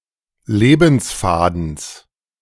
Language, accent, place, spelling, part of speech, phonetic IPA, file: German, Germany, Berlin, Lebensfadens, noun, [ˈleːbn̩sˌfaːdn̩s], De-Lebensfadens.ogg
- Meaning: genitive singular of Lebensfaden